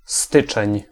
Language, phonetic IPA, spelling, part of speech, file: Polish, [ˈstɨt͡ʃɛ̃ɲ], styczeń, noun, Pl-styczeń.ogg